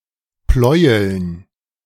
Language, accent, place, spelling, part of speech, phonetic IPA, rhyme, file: German, Germany, Berlin, Pleueln, noun, [ˈplɔɪ̯əln], -ɔɪ̯əln, De-Pleueln.ogg
- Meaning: dative plural of Pleuel